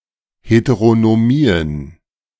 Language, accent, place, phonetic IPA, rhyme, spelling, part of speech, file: German, Germany, Berlin, [ˌheteʁonoˈmiːən], -iːən, Heteronomien, noun, De-Heteronomien.ogg
- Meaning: plural of Heteronomie